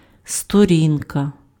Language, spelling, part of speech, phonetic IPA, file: Ukrainian, сторінка, noun, [stoˈrʲinkɐ], Uk-сторінка.ogg
- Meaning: 1. diminutive of сторона́ (storoná) 2. page (one side of a leaf of a book) 3. webpage 4. phase, period, epoch